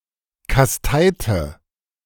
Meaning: inflection of kasteien: 1. first/third-person singular preterite 2. first/third-person singular subjunctive II
- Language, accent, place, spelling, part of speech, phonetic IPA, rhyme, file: German, Germany, Berlin, kasteite, verb, [kasˈtaɪ̯tə], -aɪ̯tə, De-kasteite.ogg